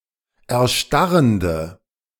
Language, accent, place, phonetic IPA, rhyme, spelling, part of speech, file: German, Germany, Berlin, [ɛɐ̯ˈʃtaʁəndə], -aʁəndə, erstarrende, adjective, De-erstarrende.ogg
- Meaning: inflection of erstarrend: 1. strong/mixed nominative/accusative feminine singular 2. strong nominative/accusative plural 3. weak nominative all-gender singular